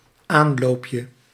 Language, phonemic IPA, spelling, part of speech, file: Dutch, /ˈanlopjə/, aanloopje, noun, Nl-aanloopje.ogg
- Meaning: diminutive of aanloop